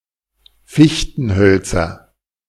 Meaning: nominative/accusative/genitive plural of Fichtenholz
- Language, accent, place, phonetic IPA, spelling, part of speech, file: German, Germany, Berlin, [ˈfɪçtn̩ˌhœlt͡sɐ], Fichtenhölzer, noun, De-Fichtenhölzer.ogg